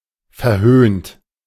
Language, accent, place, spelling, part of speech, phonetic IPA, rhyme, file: German, Germany, Berlin, verhöhnt, verb, [fɛɐ̯ˈhøːnt], -øːnt, De-verhöhnt.ogg
- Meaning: 1. past participle of verhöhnen 2. inflection of verhöhnen: second-person plural present 3. inflection of verhöhnen: third-person singular present 4. inflection of verhöhnen: plural imperative